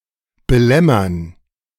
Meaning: to annoy
- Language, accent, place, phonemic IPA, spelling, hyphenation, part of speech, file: German, Germany, Berlin, /bəˈlɛmɐn/, belämmern, be‧läm‧mern, verb, De-belämmern.ogg